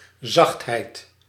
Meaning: softness
- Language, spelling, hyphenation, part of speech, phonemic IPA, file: Dutch, zachtheid, zacht‧heid, noun, /ˈzɑxt.ɦɛi̯t/, Nl-zachtheid.ogg